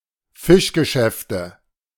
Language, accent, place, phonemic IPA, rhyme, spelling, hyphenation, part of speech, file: German, Germany, Berlin, /ˈfɪʃɡəˌʃɛftə/, -ɛftə, Fischgeschäfte, Fisch‧ge‧schäf‧te, noun, De-Fischgeschäfte.ogg
- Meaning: nominative/accusative/genitive plural of Fischgeschäft